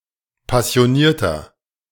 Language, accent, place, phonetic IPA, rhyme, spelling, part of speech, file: German, Germany, Berlin, [pasi̯oˈniːɐ̯tɐ], -iːɐ̯tɐ, passionierter, adjective, De-passionierter.ogg
- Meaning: 1. comparative degree of passioniert 2. inflection of passioniert: strong/mixed nominative masculine singular 3. inflection of passioniert: strong genitive/dative feminine singular